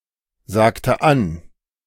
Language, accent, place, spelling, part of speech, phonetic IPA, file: German, Germany, Berlin, sagte an, verb, [ˌzaːktə ˈan], De-sagte an.ogg
- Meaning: inflection of ansagen: 1. first/third-person singular preterite 2. first/third-person singular subjunctive II